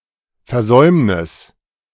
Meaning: 1. failure, omission, failing 2. default
- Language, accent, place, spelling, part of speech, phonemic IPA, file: German, Germany, Berlin, Versäumnis, noun, /fɛɐˈzɔymnɪs/, De-Versäumnis.ogg